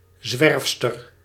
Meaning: female tramp, female vagabond
- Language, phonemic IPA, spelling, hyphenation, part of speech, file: Dutch, /ˈzʋɛrf.stər/, zwerfster, zwerf‧ster, noun, Nl-zwerfster.ogg